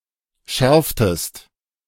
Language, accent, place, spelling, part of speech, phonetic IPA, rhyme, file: German, Germany, Berlin, schärftest, verb, [ˈʃɛʁftəst], -ɛʁftəst, De-schärftest.ogg
- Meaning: inflection of schärfen: 1. second-person singular preterite 2. second-person singular subjunctive II